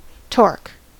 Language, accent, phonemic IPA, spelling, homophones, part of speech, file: English, US, /tɔɹk/, torque, torq / torc, noun / verb, En-us-torque.ogg